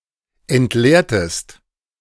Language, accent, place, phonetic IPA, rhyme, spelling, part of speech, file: German, Germany, Berlin, [ɛntˈleːɐ̯təst], -eːɐ̯təst, entleertest, verb, De-entleertest.ogg
- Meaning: inflection of entleeren: 1. second-person singular preterite 2. second-person singular subjunctive II